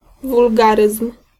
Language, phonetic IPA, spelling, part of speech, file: Polish, [vulˈɡarɨsm̥], wulgaryzm, noun, Pl-wulgaryzm.ogg